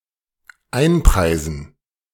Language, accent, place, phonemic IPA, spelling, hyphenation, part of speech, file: German, Germany, Berlin, /ˈaɪ̯nˌpʁaɪ̯zn̩/, einpreisen, ein‧prei‧sen, verb, De-einpreisen.ogg
- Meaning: to price in